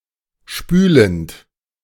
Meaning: present participle of spülen
- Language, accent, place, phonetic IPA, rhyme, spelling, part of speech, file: German, Germany, Berlin, [ˈʃpyːlənt], -yːlənt, spülend, verb, De-spülend.ogg